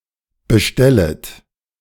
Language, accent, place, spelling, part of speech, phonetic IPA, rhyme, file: German, Germany, Berlin, bestellet, verb, [bəˈʃtɛlət], -ɛlət, De-bestellet.ogg
- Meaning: second-person plural subjunctive I of bestellen